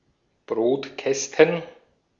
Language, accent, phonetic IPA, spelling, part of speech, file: German, Austria, [ˈbʁoːtˌkɛstn̩], Brotkästen, noun, De-at-Brotkästen.ogg
- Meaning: plural of Brotkasten